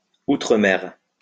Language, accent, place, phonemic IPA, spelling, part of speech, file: French, France, Lyon, /u.tʁə.mɛʁ/, outre-mer, adverb / noun, LL-Q150 (fra)-outre-mer.wav
- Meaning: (adverb) overseas; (noun) the overseas territories (the overseas départements of France, such as Guadeloupe and Réunion); also called départements d'outre-mer or France d'outre-mer